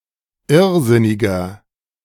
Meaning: 1. comparative degree of irrsinnig 2. inflection of irrsinnig: strong/mixed nominative masculine singular 3. inflection of irrsinnig: strong genitive/dative feminine singular
- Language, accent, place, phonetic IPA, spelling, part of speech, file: German, Germany, Berlin, [ˈɪʁˌzɪnɪɡɐ], irrsinniger, adjective, De-irrsinniger.ogg